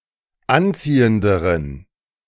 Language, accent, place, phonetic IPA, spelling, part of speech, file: German, Germany, Berlin, [ˈanˌt͡siːəndəʁən], anziehenderen, adjective, De-anziehenderen.ogg
- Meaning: inflection of anziehend: 1. strong genitive masculine/neuter singular comparative degree 2. weak/mixed genitive/dative all-gender singular comparative degree